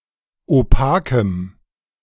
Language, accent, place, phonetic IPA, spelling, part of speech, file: German, Germany, Berlin, [oˈpaːkəm], opakem, adjective, De-opakem.ogg
- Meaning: strong dative masculine/neuter singular of opak